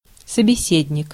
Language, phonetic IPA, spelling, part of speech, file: Russian, [səbʲɪˈsʲedʲnʲɪk], собеседник, noun, Ru-собеседник.ogg
- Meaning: speaking partner, other person (with whom one is talking), interlocutor